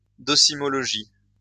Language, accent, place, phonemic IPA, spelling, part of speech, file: French, France, Lyon, /dɔ.si.mɔ.lɔ.ʒi/, docimologie, noun, LL-Q150 (fra)-docimologie.wav
- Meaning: educational assessment